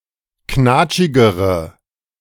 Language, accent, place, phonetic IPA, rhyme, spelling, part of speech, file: German, Germany, Berlin, [ˈknaːt͡ʃɪɡəʁə], -aːt͡ʃɪɡəʁə, knatschigere, adjective, De-knatschigere.ogg
- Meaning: inflection of knatschig: 1. strong/mixed nominative/accusative feminine singular comparative degree 2. strong nominative/accusative plural comparative degree